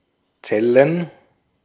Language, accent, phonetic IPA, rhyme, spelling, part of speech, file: German, Austria, [ˈt͡sɛlən], -ɛlən, Zellen, noun, De-at-Zellen.ogg
- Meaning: plural of Zelle